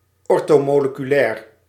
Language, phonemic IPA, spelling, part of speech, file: Dutch, /ˌɔrtoˌmoləkyˈlɛːr/, orthomoleculair, adjective, Nl-orthomoleculair.ogg
- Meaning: orthomolecular